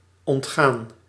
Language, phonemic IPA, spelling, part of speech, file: Dutch, /ɔntˈxan/, ontgaan, verb, Nl-ontgaan.ogg
- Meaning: 1. to escape, elude 2. past participle of ontgaan